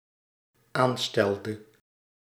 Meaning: inflection of aanstellen: 1. singular dependent-clause past indicative 2. singular dependent-clause past subjunctive
- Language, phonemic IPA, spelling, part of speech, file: Dutch, /ˈanstɛldə/, aanstelde, verb, Nl-aanstelde.ogg